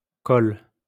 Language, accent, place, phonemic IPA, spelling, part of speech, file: French, France, Lyon, /kɔl/, -cole, suffix, LL-Q150 (fra)--cole.wav
- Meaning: -cultural (relating to the cultivation of)